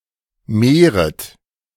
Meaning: second-person plural subjunctive I of mehren
- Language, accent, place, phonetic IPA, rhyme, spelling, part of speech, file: German, Germany, Berlin, [ˈmeːʁət], -eːʁət, mehret, verb, De-mehret.ogg